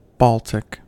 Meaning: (adjective) 1. Of or pertaining to the Baltic region or the Baltic Sea 2. Of or pertaining to any of the Baltic languages 3. Of or pertaining to the Balts (the Baltic peoples) 4. Extremely cold
- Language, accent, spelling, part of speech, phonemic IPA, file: English, US, Baltic, adjective / proper noun, /ˈbɔl.tɪk/, En-us-Baltic.ogg